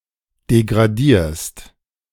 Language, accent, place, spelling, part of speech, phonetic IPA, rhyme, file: German, Germany, Berlin, degradierst, verb, [deɡʁaˈdiːɐ̯st], -iːɐ̯st, De-degradierst.ogg
- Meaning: second-person singular present of degradieren